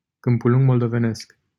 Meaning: a city in Suceava County, Romania
- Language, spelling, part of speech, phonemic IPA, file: Romanian, Câmpulung Moldovenesc, proper noun, /kɨmpuˌluŋɡ moldoveˈnesk/, LL-Q7913 (ron)-Câmpulung Moldovenesc.wav